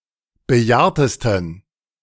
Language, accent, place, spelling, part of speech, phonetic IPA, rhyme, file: German, Germany, Berlin, bejahrtesten, adjective, [bəˈjaːɐ̯təstn̩], -aːɐ̯təstn̩, De-bejahrtesten.ogg
- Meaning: 1. superlative degree of bejahrt 2. inflection of bejahrt: strong genitive masculine/neuter singular superlative degree